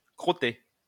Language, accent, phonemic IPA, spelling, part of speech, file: French, France, /kʁɔ.te/, crotté, verb / adjective / noun, LL-Q150 (fra)-crotté.wav
- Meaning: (verb) past participle of crotter; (adjective) muddy, murky; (noun) despicable person